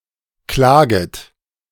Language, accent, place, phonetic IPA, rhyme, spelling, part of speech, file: German, Germany, Berlin, [ˈklaːɡət], -aːɡət, klaget, verb, De-klaget.ogg
- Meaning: second-person plural subjunctive I of klagen